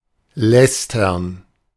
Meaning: 1. to blaspheme against 2. to gossip, usually in a disdainful way; to bitch about; to speak ill of someone behind their back
- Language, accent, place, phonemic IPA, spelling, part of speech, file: German, Germany, Berlin, /ˈlɛstɐn/, lästern, verb, De-lästern.ogg